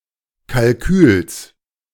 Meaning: genitive singular of Kalkül
- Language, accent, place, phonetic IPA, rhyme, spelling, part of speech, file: German, Germany, Berlin, [kalˈkyːls], -yːls, Kalküls, noun, De-Kalküls.ogg